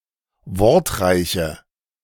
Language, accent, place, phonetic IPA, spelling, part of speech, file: German, Germany, Berlin, [ˈvɔʁtˌʁaɪ̯çə], wortreiche, adjective, De-wortreiche.ogg
- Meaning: inflection of wortreich: 1. strong/mixed nominative/accusative feminine singular 2. strong nominative/accusative plural 3. weak nominative all-gender singular